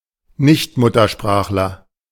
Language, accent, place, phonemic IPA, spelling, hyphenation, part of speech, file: German, Germany, Berlin, /ˈnɪçtˌmʊtɐʃpʁaːxlɐ/, Nichtmuttersprachler, Nicht‧mut‧ter‧sprach‧ler, noun, De-Nichtmuttersprachler.ogg
- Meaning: non-native speaker (male or of unspecified gender)